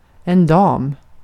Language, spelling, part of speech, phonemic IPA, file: Swedish, dam, noun, /dɑːm/, Sv-dam.ogg
- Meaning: a lady ((respectful way to refer to a) woman – similar tone to English in different contexts)